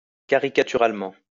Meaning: 1. ridiculously 2. grotesquely
- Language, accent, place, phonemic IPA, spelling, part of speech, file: French, France, Lyon, /ka.ʁi.ka.ty.ʁal.mɑ̃/, caricaturalement, adverb, LL-Q150 (fra)-caricaturalement.wav